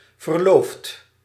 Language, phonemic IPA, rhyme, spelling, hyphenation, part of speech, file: Dutch, /vərˈloːft/, -oːft, verloofd, ver‧loofd, verb, Nl-verloofd.ogg
- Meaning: past participle of verloven